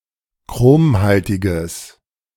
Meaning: strong/mixed nominative/accusative neuter singular of chromhaltig
- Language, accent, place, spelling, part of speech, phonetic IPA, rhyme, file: German, Germany, Berlin, chromhaltiges, adjective, [ˈkʁoːmˌhaltɪɡəs], -oːmhaltɪɡəs, De-chromhaltiges.ogg